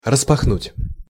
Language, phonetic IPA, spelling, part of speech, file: Russian, [rəspɐxˈnutʲ], распахнуть, verb, Ru-распахнуть.ogg
- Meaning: to throw open, to fling open; to open wide